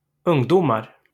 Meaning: indefinite plural of ungdom
- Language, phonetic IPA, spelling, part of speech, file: Swedish, [ˌɵ́ŋˈdúːmar], ungdomar, noun, LL-Q9027 (swe)-ungdomar.wav